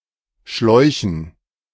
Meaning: dative plural of Schlauch
- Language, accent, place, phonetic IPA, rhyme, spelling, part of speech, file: German, Germany, Berlin, [ˈʃlɔɪ̯çn̩], -ɔɪ̯çn̩, Schläuchen, noun, De-Schläuchen.ogg